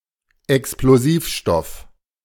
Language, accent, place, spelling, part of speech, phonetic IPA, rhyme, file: German, Germany, Berlin, Explosivstoff, noun, [ɛksploˈziːfˌʃtɔf], -iːfʃtɔf, De-Explosivstoff.ogg
- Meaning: explosive